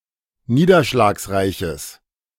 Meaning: strong/mixed nominative/accusative neuter singular of niederschlagsreich
- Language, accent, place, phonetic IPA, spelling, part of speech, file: German, Germany, Berlin, [ˈniːdɐʃlaːksˌʁaɪ̯çəs], niederschlagsreiches, adjective, De-niederschlagsreiches.ogg